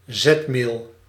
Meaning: starch, amylum (carbohydrate)
- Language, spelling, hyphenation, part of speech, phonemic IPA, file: Dutch, zetmeel, zet‧meel, noun, /ˈzɛtmeːl/, Nl-zetmeel.ogg